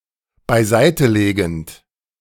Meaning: present participle of beiseitelegen
- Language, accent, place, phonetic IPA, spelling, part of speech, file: German, Germany, Berlin, [baɪ̯ˈzaɪ̯təˌleːɡn̩t], beiseitelegend, verb, De-beiseitelegend.ogg